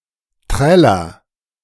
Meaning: inflection of trällern: 1. first-person singular present 2. singular imperative
- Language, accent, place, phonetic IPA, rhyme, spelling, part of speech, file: German, Germany, Berlin, [ˈtʁɛlɐ], -ɛlɐ, träller, verb, De-träller.ogg